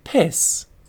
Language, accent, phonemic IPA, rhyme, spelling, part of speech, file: English, UK, /pɪs/, -ɪs, piss, noun / verb / interjection, En-uk-piss.ogg
- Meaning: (noun) 1. Urine 2. The act of urinating 3. Alcoholic beverage, especially of inferior quality 4. An intensifier; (verb) 1. To urinate 2. To discharge as or with the urine 3. To achieve easily